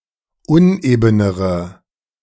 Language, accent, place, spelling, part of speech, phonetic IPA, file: German, Germany, Berlin, unebenere, adjective, [ˈʊnʔeːbənəʁə], De-unebenere.ogg
- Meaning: inflection of uneben: 1. strong/mixed nominative/accusative feminine singular comparative degree 2. strong nominative/accusative plural comparative degree